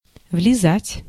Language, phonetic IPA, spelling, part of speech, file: Russian, [vlʲɪˈzatʲ], влезать, verb, Ru-влезать.ogg
- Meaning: 1. to get into (something, also figurative), to climb into, to scramble into 2. to fit in, to go in 3. to meddle